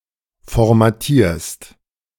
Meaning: second-person singular present of formatieren
- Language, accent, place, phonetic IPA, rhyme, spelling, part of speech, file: German, Germany, Berlin, [fɔʁmaˈtiːɐ̯st], -iːɐ̯st, formatierst, verb, De-formatierst.ogg